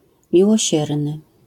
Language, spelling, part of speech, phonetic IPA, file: Polish, miłosierny, adjective, [ˌmʲiwɔˈɕɛrnɨ], LL-Q809 (pol)-miłosierny.wav